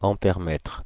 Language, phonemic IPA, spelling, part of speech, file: French, /ɑ̃.pɛʁ.mɛtʁ/, ampèremètre, noun, Fr-ampèremètre.ogg
- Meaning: ammeter